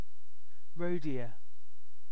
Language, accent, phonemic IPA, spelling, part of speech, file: English, UK, /ˈɹəʊˌdɪə/, roe deer, noun, En-uk-roe deer.ogg